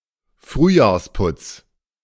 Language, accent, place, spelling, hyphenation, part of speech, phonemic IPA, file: German, Germany, Berlin, Frühjahrsputz, Früh‧jahrs‧putz, noun, /ˈfʁyːjaːɐ̯sˌpʊts/, De-Frühjahrsputz.ogg
- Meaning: spring cleaning